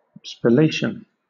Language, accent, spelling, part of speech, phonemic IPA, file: English, Southern England, spallation, noun, /spəˈleɪʃ(ə)n/, LL-Q1860 (eng)-spallation.wav
- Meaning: 1. Fragmentation due to stress or impact, or any pattern of surface damage created thereby 2. A nuclear reaction in which a nucleus fragments into many nucleons